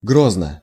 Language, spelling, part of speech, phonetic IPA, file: Russian, грозно, adverb / adjective, [ˈɡroznə], Ru-грозно.ogg
- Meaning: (adverb) 1. threateningly, menacingly 2. sternly; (adjective) short neuter singular of гро́зный (gróznyj)